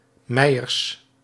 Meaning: plural of meier
- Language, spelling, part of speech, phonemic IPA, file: Dutch, meiers, noun, /ˈmɛiərs/, Nl-meiers.ogg